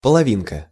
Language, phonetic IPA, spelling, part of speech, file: Russian, [pəɫɐˈvʲinkə], половинка, noun, Ru-половинка.ogg
- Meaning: 1. diminutive of полови́на (polovína) 2. leaf (of a door) 3. half-size violin